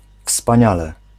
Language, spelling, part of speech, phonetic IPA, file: Polish, wspaniale, adverb, [fspãˈɲalɛ], Pl-wspaniale.ogg